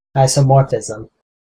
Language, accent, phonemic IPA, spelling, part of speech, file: English, US, /ˌaɪsə(ʊ)ˈmɔɹfɪzəm/, isomorphism, noun, En-us-isomorphism.ogg
- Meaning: Similarity of form